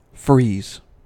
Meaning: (verb) 1. Especially of a liquid, to become solid due to low temperature 2. To lower something's temperature to the point that it freezes or becomes hard
- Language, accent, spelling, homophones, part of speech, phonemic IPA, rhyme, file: English, US, freeze, frees / frieze, verb / noun, /ˈfɹiːz/, -iːz, En-us-freeze.ogg